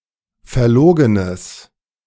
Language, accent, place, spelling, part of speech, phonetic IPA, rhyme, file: German, Germany, Berlin, verlogenes, adjective, [fɛɐ̯ˈloːɡənəs], -oːɡənəs, De-verlogenes.ogg
- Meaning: strong/mixed nominative/accusative neuter singular of verlogen